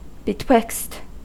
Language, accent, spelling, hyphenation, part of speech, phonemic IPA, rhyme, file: English, General American, betwixt, be‧twixt, preposition, /bəˈtwɪkst/, -ɪkst, En-us-betwixt.ogg
- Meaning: Between